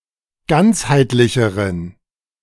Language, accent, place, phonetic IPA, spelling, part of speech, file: German, Germany, Berlin, [ˈɡant͡shaɪ̯tlɪçəʁən], ganzheitlicheren, adjective, De-ganzheitlicheren.ogg
- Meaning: inflection of ganzheitlich: 1. strong genitive masculine/neuter singular comparative degree 2. weak/mixed genitive/dative all-gender singular comparative degree